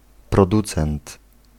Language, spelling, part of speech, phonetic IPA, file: Polish, producent, noun, [prɔˈdut͡sɛ̃nt], Pl-producent.ogg